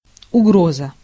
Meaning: 1. threat (expression of intent to injure or punish another) 2. danger
- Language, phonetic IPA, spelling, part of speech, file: Russian, [ʊˈɡrozə], угроза, noun, Ru-угроза.ogg